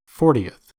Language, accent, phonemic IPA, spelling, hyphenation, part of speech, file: English, US, /ˈfɔɹ.ti.əθ/, fortieth, for‧ti‧eth, adjective / noun, En-us-fortieth.ogg
- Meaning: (adjective) The ordinal form of the number forty; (noun) 1. The person or thing in the fortieth position 2. One of forty equal parts of a whole